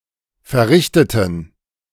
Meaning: inflection of verrichten: 1. first/third-person plural preterite 2. first/third-person plural subjunctive II
- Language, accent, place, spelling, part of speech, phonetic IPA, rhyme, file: German, Germany, Berlin, verrichteten, adjective / verb, [fɛɐ̯ˈʁɪçtətn̩], -ɪçtətn̩, De-verrichteten.ogg